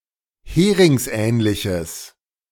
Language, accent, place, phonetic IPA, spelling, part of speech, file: German, Germany, Berlin, [ˈheːʁɪŋsˌʔɛːnlɪçəs], heringsähnliches, adjective, De-heringsähnliches.ogg
- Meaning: strong/mixed nominative/accusative neuter singular of heringsähnlich